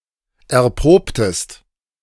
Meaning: inflection of erproben: 1. second-person singular preterite 2. second-person singular subjunctive II
- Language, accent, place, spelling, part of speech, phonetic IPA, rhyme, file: German, Germany, Berlin, erprobtest, verb, [ɛɐ̯ˈpʁoːptəst], -oːptəst, De-erprobtest.ogg